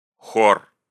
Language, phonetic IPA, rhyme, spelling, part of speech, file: Russian, [xor], -or, хор, noun, Ru-хор.ogg
- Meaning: 1. chorus, choir 2. inflection of хо́ра (xóra): genitive plural 3. inflection of хо́ра (xóra): animate accusative plural